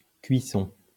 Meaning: 1. cooking (the act of cooking) 2. doneness 3. firing (of ceramics)
- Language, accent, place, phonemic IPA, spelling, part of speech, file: French, France, Lyon, /kɥi.sɔ̃/, cuisson, noun, LL-Q150 (fra)-cuisson.wav